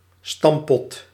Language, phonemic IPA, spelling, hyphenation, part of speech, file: Dutch, /ˈstɑm.pɔt/, stamppot, stamp‧pot, noun, Nl-stamppot.ogg
- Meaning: a dish of mash and vegetables, often with bacon or other meat and served with gravy